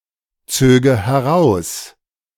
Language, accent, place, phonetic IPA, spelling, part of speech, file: German, Germany, Berlin, [ˌt͡søːɡə hɛˈʁaʊ̯s], zöge heraus, verb, De-zöge heraus.ogg
- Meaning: first/third-person singular subjunctive II of herausziehen